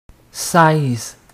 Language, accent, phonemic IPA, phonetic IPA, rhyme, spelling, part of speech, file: French, Quebec, /sɛz/, [saiz], -ɛz, seize, numeral, Qc-seize.ogg
- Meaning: sixteen